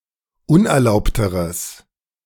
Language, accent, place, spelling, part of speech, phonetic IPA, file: German, Germany, Berlin, unerlaubteres, adjective, [ˈʊnʔɛɐ̯ˌlaʊ̯ptəʁəs], De-unerlaubteres.ogg
- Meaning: strong/mixed nominative/accusative neuter singular comparative degree of unerlaubt